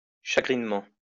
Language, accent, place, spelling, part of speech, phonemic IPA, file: French, France, Lyon, chagrinement, adverb, /ʃa.ɡʁin.mɑ̃/, LL-Q150 (fra)-chagrinement.wav
- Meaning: sorrowfully, sadly